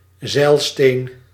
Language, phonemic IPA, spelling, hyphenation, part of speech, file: Dutch, /ˈzɛi̯lsteːn/, zeilsteen, zeil‧steen, noun, Nl-zeilsteen.ogg
- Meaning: 1. magnetite, lodestone (Fe₃O₄) 2. lodestone, natural or magnet 3. compass